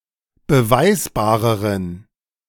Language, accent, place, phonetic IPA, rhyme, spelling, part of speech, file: German, Germany, Berlin, [bəˈvaɪ̯sbaːʁəʁən], -aɪ̯sbaːʁəʁən, beweisbareren, adjective, De-beweisbareren.ogg
- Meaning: inflection of beweisbar: 1. strong genitive masculine/neuter singular comparative degree 2. weak/mixed genitive/dative all-gender singular comparative degree